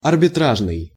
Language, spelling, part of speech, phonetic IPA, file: Russian, арбитражный, adjective, [ɐrbʲɪˈtraʐnɨj], Ru-арбитражный.ogg
- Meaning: arbitration; arbitral